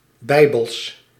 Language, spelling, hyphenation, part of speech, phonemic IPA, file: Dutch, Bijbels, Bij‧bels, adjective, /ˈbɛi̯.bəls/, Nl-Bijbels.ogg
- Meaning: Biblical